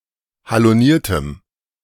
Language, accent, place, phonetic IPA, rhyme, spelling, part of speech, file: German, Germany, Berlin, [haloˈniːɐ̯təm], -iːɐ̯təm, haloniertem, adjective, De-haloniertem.ogg
- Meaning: strong dative masculine/neuter singular of haloniert